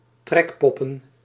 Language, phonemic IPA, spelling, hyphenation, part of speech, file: Dutch, /ˈtrɛkpɔpə(n)/, trekpoppen, trek‧pop‧pen, noun, Nl-trekpoppen.ogg
- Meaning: plural of trekpop